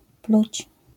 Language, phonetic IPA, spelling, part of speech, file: Polish, [plut͡ɕ], pluć, verb, LL-Q809 (pol)-pluć.wav